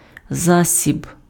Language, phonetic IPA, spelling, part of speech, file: Ukrainian, [ˈzasʲib], засіб, noun, Uk-засіб.ogg
- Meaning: 1. means, way, expedient 2. remedy